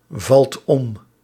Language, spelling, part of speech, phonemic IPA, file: Dutch, valt om, verb, /ˈvɑlt ˈɔm/, Nl-valt om.ogg
- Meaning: inflection of omvallen: 1. second/third-person singular present indicative 2. plural imperative